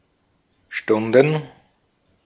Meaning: plural of Stunde
- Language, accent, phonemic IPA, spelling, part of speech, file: German, Austria, /ˈʃtʊndən/, Stunden, noun, De-at-Stunden.ogg